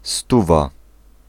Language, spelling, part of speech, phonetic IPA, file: Polish, stówa, noun, [ˈstuva], Pl-stówa.ogg